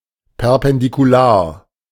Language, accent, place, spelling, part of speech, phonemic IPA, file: German, Germany, Berlin, perpendikular, adjective, /pɛʁpɛndikuˈlaːɐ̯/, De-perpendikular.ogg
- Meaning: perpendicular